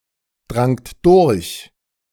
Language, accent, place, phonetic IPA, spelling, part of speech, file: German, Germany, Berlin, [ˌdʁaŋt ˈdʊʁç], drangt durch, verb, De-drangt durch.ogg
- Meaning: second-person plural preterite of durchdringen